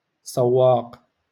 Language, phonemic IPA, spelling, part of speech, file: Moroccan Arabic, /saw.waːq/, سواق, noun, LL-Q56426 (ary)-سواق.wav
- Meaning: 1. vehicle driver 2. chauffeur